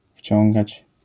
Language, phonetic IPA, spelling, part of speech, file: Polish, [ˈfʲt͡ɕɔ̃ŋɡat͡ɕ], wciągać, verb, LL-Q809 (pol)-wciągać.wav